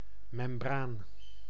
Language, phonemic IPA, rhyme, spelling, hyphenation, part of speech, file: Dutch, /mɛmˈbraːn/, -aːn, membraan, mem‧braan, noun, Nl-membraan.ogg
- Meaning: 1. a membrane, thin, often separating, layer of (skin or other) tissue in animal or plant anatomy 2. an artefact similar in function and/or construction, e.g. as mechanical part